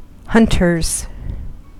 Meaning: plural of hunter
- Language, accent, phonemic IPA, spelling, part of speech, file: English, US, /ˈhʌntɚz/, hunters, noun, En-us-hunters.ogg